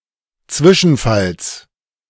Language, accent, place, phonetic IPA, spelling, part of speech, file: German, Germany, Berlin, [ˈt͡svɪʃn̩ˌfals], Zwischenfalls, noun, De-Zwischenfalls.ogg
- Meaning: genitive singular of Zwischenfall